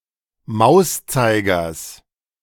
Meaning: genitive singular of Mauszeiger
- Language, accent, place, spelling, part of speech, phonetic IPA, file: German, Germany, Berlin, Mauszeigers, noun, [ˈmaʊ̯sˌt͡saɪ̯ɡɐs], De-Mauszeigers.ogg